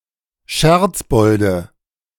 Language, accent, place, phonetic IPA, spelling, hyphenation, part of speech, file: German, Germany, Berlin, [ˈʃɛʁt͡sˌbɔldə], Scherzbolde, Scherz‧bol‧de, noun, De-Scherzbolde.ogg
- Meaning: nominative/accusative/genitive plural of Scherzbold